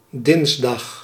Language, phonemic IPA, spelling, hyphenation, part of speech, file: Dutch, /ˈdɪns.dɑx/, dinsdag, dins‧dag, noun / adverb, Nl-dinsdag.ogg
- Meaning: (noun) Tuesday; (adverb) on Tuesday